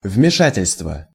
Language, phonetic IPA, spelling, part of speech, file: Russian, [vmʲɪˈʂatʲɪlʲstvə], вмешательство, noun, Ru-вмешательство.ogg
- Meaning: interference, meddling, intervention